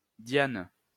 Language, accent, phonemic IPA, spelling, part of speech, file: French, France, /djan/, Diane, proper noun, LL-Q150 (fra)-Diane.wav
- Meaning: 1. Diana 2. a female given name